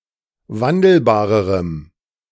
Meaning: strong dative masculine/neuter singular comparative degree of wandelbar
- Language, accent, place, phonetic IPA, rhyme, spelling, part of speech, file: German, Germany, Berlin, [ˈvandl̩baːʁəʁəm], -andl̩baːʁəʁəm, wandelbarerem, adjective, De-wandelbarerem.ogg